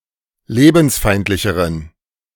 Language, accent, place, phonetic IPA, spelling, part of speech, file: German, Germany, Berlin, [ˈleːbn̩sˌfaɪ̯ntlɪçəʁən], lebensfeindlicheren, adjective, De-lebensfeindlicheren.ogg
- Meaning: inflection of lebensfeindlich: 1. strong genitive masculine/neuter singular comparative degree 2. weak/mixed genitive/dative all-gender singular comparative degree